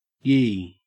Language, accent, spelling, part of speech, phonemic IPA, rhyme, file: English, Australia, yee, pronoun / interjection, /jiː/, -iː, En-au-yee.ogg
- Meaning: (pronoun) 1. You (the people being addressed); alternative spelling of ye 2. Obsolete form of ye; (interjection) yes, yeah